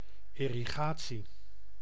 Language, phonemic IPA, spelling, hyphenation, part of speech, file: Dutch, /ˌɪ.riˈɣaː.(t)si/, irrigatie, ir‧ri‧ga‧tie, noun, Nl-irrigatie.ogg
- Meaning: irrigation